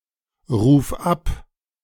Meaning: singular imperative of abrufen
- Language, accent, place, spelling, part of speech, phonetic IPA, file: German, Germany, Berlin, ruf ab, verb, [ʁuːf ˈap], De-ruf ab.ogg